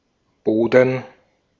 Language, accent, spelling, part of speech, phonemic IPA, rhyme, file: German, Austria, Boden, noun, /ˈboːdn̩/, -oːdn̩, De-at-Boden.ogg
- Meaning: 1. ground, soil 2. sea bottom (typically called Meeresboden) 3. any defined type of soil 4. floor 5. attic, garret, loft